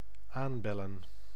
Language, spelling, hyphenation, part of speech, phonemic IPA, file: Dutch, aanbellen, aan‧bel‧len, verb, /ˈaːnˌbɛ.lə(n)/, Nl-aanbellen.ogg
- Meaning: to ring the doorbell